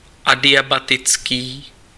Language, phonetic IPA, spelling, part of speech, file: Czech, [ˈadɪjabatɪt͡skiː], adiabatický, adjective, Cs-adiabatický.ogg
- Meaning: adiabatic (that occurs without gain or loss of heat)